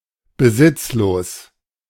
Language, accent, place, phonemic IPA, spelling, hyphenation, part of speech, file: German, Germany, Berlin, /bəˈzɪtsˌloːs/, besitzlos, be‧sitz‧los, adjective, De-besitzlos.ogg
- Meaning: poor